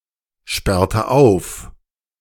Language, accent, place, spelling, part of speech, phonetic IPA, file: German, Germany, Berlin, sperrte auf, verb, [ˌʃpɛʁtə ˈaʊ̯f], De-sperrte auf.ogg
- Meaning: inflection of aufsperren: 1. first/third-person singular preterite 2. first/third-person singular subjunctive II